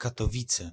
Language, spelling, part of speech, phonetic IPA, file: Polish, Katowice, proper noun, [ˌkatɔˈvʲit͡sɛ], Pl-Katowice.ogg